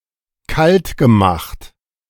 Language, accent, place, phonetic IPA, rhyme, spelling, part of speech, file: German, Germany, Berlin, [ˈkaltɡəˌmaxt], -altɡəmaxt, kaltgemacht, verb, De-kaltgemacht.ogg
- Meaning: past participle of kaltmachen